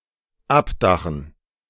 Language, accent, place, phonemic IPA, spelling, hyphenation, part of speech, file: German, Germany, Berlin, /ˈapˌdaxn̩/, abdachen, ab‧da‧chen, verb, De-abdachen.ogg
- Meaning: 1. to slope (to exhibit a slope) 2. to slope (to create a slope) 3. to remove the roof of